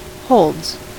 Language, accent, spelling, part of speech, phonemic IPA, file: English, US, holds, noun / verb, /hoʊldz/, En-us-holds.ogg
- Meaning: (noun) plural of hold; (verb) third-person singular simple present indicative of hold